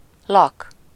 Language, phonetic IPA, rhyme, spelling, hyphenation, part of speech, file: Hungarian, [ˈlɒk], -ɒk, lak, lak, noun, Hu-lak.ogg
- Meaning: 1. habitation, abode, residence 2. dwelling